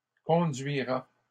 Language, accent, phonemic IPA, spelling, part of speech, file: French, Canada, /kɔ̃.dɥi.ʁa/, conduira, verb, LL-Q150 (fra)-conduira.wav
- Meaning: third-person singular future of conduire